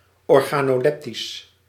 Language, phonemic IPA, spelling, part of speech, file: Dutch, /ɔrɣaːnoːˈlɛptis/, organoleptisch, adjective, Nl-organoleptisch.ogg
- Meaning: organoleptic